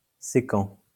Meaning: intersecting
- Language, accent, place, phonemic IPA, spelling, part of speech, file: French, France, Lyon, /se.kɑ̃/, sécant, adjective, LL-Q150 (fra)-sécant.wav